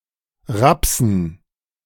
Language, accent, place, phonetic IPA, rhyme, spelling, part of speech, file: German, Germany, Berlin, [ˈʁapsn̩], -apsn̩, Rapsen, noun, De-Rapsen.ogg
- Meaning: dative plural of Raps